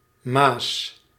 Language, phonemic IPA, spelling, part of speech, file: Dutch, /mas/, ma's, noun, Nl-ma's.ogg
- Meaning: plural of ma